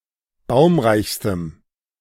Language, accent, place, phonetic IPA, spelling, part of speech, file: German, Germany, Berlin, [ˈbaʊ̯mʁaɪ̯çstəm], baumreichstem, adjective, De-baumreichstem.ogg
- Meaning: strong dative masculine/neuter singular superlative degree of baumreich